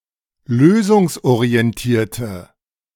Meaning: inflection of lösungsorientiert: 1. strong/mixed nominative/accusative feminine singular 2. strong nominative/accusative plural 3. weak nominative all-gender singular
- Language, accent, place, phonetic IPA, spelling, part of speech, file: German, Germany, Berlin, [ˈløːzʊŋsʔoʁiɛnˌtiːɐ̯tə], lösungsorientierte, adjective, De-lösungsorientierte.ogg